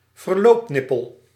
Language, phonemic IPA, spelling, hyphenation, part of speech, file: Dutch, /vərˈloːpˌnɪ.pəl/, verloopnippel, ver‧loop‧nip‧pel, noun, Nl-verloopnippel.ogg
- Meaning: adapter nozzle, adapter valve (tubular adapter)